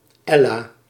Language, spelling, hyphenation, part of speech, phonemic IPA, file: Dutch, Ella, El‧la, proper noun, /ˈɛ.laː/, Nl-Ella.ogg
- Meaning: a female given name